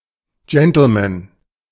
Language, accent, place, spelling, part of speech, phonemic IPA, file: German, Germany, Berlin, Gentleman, noun, /ˈd͡ʒɛntəlˌmɛn/, De-Gentleman.ogg
- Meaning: gentleman (well-mannered, charming man)